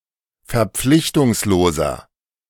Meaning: 1. comparative degree of verpflichtungslos 2. inflection of verpflichtungslos: strong/mixed nominative masculine singular 3. inflection of verpflichtungslos: strong genitive/dative feminine singular
- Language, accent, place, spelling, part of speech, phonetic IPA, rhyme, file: German, Germany, Berlin, verpflichtungsloser, adjective, [fɛɐ̯ˈp͡flɪçtʊŋsloːzɐ], -ɪçtʊŋsloːzɐ, De-verpflichtungsloser.ogg